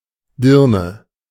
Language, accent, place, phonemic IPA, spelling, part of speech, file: German, Germany, Berlin, /ˈdɪrnə/, Dirne, noun, De-Dirne.ogg
- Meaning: 1. whore (prostitute or sexually unreserved woman) 2. girl; lass